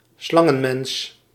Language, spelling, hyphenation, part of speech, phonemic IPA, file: Dutch, slangenmens, slan‧gen‧mens, noun, /ˈslɑ.ŋə(n)ˌmɛns/, Nl-slangenmens.ogg
- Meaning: contortionist (acrobat whose body can be contorted into unusual postures)